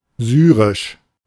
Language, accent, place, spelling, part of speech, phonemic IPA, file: German, Germany, Berlin, syrisch, adjective, /ˈzyːʁɪʃ/, De-syrisch.ogg
- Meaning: of Syria; Syrian